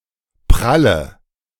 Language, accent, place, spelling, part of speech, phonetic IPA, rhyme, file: German, Germany, Berlin, pralle, adjective / verb, [ˈpʁalə], -alə, De-pralle.ogg
- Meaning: inflection of prall: 1. strong/mixed nominative/accusative feminine singular 2. strong nominative/accusative plural 3. weak nominative all-gender singular 4. weak accusative feminine/neuter singular